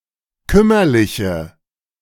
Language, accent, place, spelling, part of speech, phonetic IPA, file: German, Germany, Berlin, kümmerliche, adjective, [ˈkʏmɐlɪçə], De-kümmerliche.ogg
- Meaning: inflection of kümmerlich: 1. strong/mixed nominative/accusative feminine singular 2. strong nominative/accusative plural 3. weak nominative all-gender singular